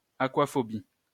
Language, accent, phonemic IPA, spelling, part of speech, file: French, France, /a.kwa.fɔ.bi/, aquaphobie, noun, LL-Q150 (fra)-aquaphobie.wav
- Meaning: aquaphobia (fear of water)